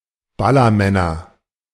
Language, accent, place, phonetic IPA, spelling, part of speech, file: German, Germany, Berlin, [ˈbalɐˌmɛnɐ], Ballermänner, noun, De-Ballermänner.ogg
- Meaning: nominative/accusative/genitive plural of Ballermann